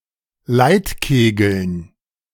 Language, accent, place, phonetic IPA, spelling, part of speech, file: German, Germany, Berlin, [ˈlaɪ̯tˌkeːɡl̩n], Leitkegeln, noun, De-Leitkegeln.ogg
- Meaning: dative plural of Leitkegel